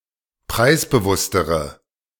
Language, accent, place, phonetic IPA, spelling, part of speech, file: German, Germany, Berlin, [ˈpʁaɪ̯sbəˌvʊstəʁə], preisbewusstere, adjective, De-preisbewusstere.ogg
- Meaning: inflection of preisbewusst: 1. strong/mixed nominative/accusative feminine singular comparative degree 2. strong nominative/accusative plural comparative degree